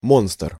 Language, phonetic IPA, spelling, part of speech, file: Russian, [monstr], монстр, noun, Ru-монстр.ogg
- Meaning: 1. monster (a terrifying and dangerous creature) 2. monster, fiend (an evil person)